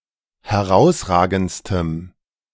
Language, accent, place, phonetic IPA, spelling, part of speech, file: German, Germany, Berlin, [hɛˈʁaʊ̯sˌʁaːɡn̩t͡stəm], herausragendstem, adjective, De-herausragendstem.ogg
- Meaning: strong dative masculine/neuter singular superlative degree of herausragend